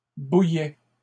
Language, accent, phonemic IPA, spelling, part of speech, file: French, Canada, /bu.jɛ/, bouillaient, verb, LL-Q150 (fra)-bouillaient.wav
- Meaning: third-person plural imperfect indicative of bouillir